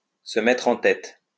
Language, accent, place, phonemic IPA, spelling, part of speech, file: French, France, Lyon, /sə mɛtʁ ɑ̃ tɛt/, se mettre en tête, verb, LL-Q150 (fra)-se mettre en tête.wav
- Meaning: to get something into one's head